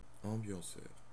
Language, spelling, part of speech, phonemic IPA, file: French, ambianceur, noun, /ɑ̃.bjɑ̃.sœʁ/, Fr-ambianceur.ogg
- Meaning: 1. host, entertainer, MC 2. party animal, partier 3. One who creates an ambiance or atmosphere